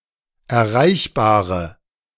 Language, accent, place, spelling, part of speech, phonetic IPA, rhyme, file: German, Germany, Berlin, erreichbare, adjective, [ɛɐ̯ˈʁaɪ̯çbaːʁə], -aɪ̯çbaːʁə, De-erreichbare.ogg
- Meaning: inflection of erreichbar: 1. strong/mixed nominative/accusative feminine singular 2. strong nominative/accusative plural 3. weak nominative all-gender singular